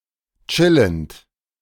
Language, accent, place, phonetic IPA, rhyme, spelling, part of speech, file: German, Germany, Berlin, [ˈt͡ʃɪlənt], -ɪlənt, chillend, verb, De-chillend.ogg
- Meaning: present participle of chillen